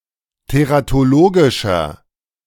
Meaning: inflection of teratologisch: 1. strong/mixed nominative masculine singular 2. strong genitive/dative feminine singular 3. strong genitive plural
- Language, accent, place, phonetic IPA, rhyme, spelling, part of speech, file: German, Germany, Berlin, [teʁatoˈloːɡɪʃɐ], -oːɡɪʃɐ, teratologischer, adjective, De-teratologischer.ogg